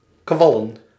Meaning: plural of kwal
- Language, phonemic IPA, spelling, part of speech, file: Dutch, /ˈkʋɑlə(n)/, kwallen, noun, Nl-kwallen.ogg